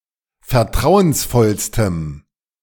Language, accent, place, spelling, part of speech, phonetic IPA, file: German, Germany, Berlin, vertrauensvollstem, adjective, [fɛɐ̯ˈtʁaʊ̯ənsˌfɔlstəm], De-vertrauensvollstem.ogg
- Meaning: strong dative masculine/neuter singular superlative degree of vertrauensvoll